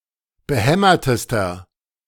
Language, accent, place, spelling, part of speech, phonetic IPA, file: German, Germany, Berlin, behämmertester, adjective, [bəˈhɛmɐtəstɐ], De-behämmertester.ogg
- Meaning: inflection of behämmert: 1. strong/mixed nominative masculine singular superlative degree 2. strong genitive/dative feminine singular superlative degree 3. strong genitive plural superlative degree